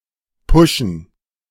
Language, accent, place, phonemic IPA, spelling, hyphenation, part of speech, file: German, Germany, Berlin, /ˈpʊʃn̩/, pushen, pu‧shen, verb, De-pushen.ogg
- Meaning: to push, promote